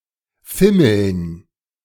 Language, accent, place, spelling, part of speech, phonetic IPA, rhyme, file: German, Germany, Berlin, Fimmeln, noun, [ˈfɪml̩n], -ɪml̩n, De-Fimmeln.ogg
- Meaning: dative plural of Fimmel